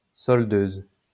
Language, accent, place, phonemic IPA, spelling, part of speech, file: French, France, Lyon, /sɔl.døz/, soldeuse, noun, LL-Q150 (fra)-soldeuse.wav
- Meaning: female equivalent of soldeur